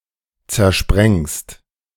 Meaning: second-person singular present of zersprengen
- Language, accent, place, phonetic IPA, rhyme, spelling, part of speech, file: German, Germany, Berlin, [t͡sɛɐ̯ˈʃpʁɛŋst], -ɛŋst, zersprengst, verb, De-zersprengst.ogg